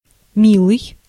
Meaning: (adjective) 1. dear, sweet (having a pleasing disposition) 2. cute (in various senses); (noun) 1. beloved 2. dear, darling
- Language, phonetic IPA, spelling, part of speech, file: Russian, [ˈmʲiɫɨj], милый, adjective / noun, Ru-милый.ogg